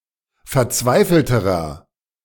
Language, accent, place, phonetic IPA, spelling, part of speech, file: German, Germany, Berlin, [fɛɐ̯ˈt͡svaɪ̯fl̩təʁɐ], verzweifelterer, adjective, De-verzweifelterer.ogg
- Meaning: inflection of verzweifelt: 1. strong/mixed nominative masculine singular comparative degree 2. strong genitive/dative feminine singular comparative degree 3. strong genitive plural comparative degree